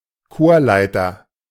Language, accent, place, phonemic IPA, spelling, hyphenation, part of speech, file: German, Germany, Berlin, /ˈkoːrˌlaɪ̯tɐ/, Chorleiter, Chor‧lei‧ter, noun, De-Chorleiter.ogg
- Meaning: choirmaster, choir conductor (of male or unspecified sex)